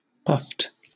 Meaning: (verb) simple past and past participle of puff; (adjective) 1. Inflated or swollen 2. Gathered up into rounded ridges 3. Expanded by the use of steam
- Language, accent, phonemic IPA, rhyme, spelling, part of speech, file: English, Southern England, /pʌft/, -ʌft, puffed, verb / adjective, LL-Q1860 (eng)-puffed.wav